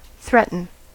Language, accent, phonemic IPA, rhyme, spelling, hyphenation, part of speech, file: English, US, /ˈθɹɛt.n̩/, -ɛtn̩, threaten, threat‧en, verb, En-us-threaten.ogg
- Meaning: 1. To make a threat against someone; to use threats 2. To menace, or be dangerous 3. To portend, or give a warning of